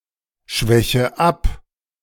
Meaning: inflection of abschwächen: 1. first-person singular present 2. first/third-person singular subjunctive I 3. singular imperative
- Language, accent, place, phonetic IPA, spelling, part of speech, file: German, Germany, Berlin, [ˌʃvɛçə ˈap], schwäche ab, verb, De-schwäche ab.ogg